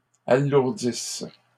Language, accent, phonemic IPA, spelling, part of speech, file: French, Canada, /a.luʁ.dis/, alourdisses, verb, LL-Q150 (fra)-alourdisses.wav
- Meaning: second-person singular present/imperfect subjunctive of alourdir